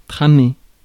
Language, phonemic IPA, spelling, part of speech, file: French, /tʁa.me/, tramer, verb, Fr-tramer.ogg
- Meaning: 1. to weave 2. to hatch, think up, come up with